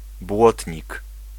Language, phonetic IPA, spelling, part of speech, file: Polish, [ˈbwɔtʲɲik], błotnik, noun, Pl-błotnik.ogg